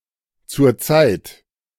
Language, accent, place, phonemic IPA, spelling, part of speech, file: German, Germany, Berlin, /tsʊrˈtsaɪt/, zurzeit, adverb, De-zurzeit.ogg
- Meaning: currently